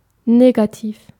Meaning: 1. negative (undesirable) 2. negative, negatory 3. negative (less than zero) 4. negative (producing no evidence) 5. negative, pessimistic, not fun-loving
- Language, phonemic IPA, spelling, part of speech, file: German, /ˈneːɡaˌtiːf/, negativ, adjective, De-negativ.ogg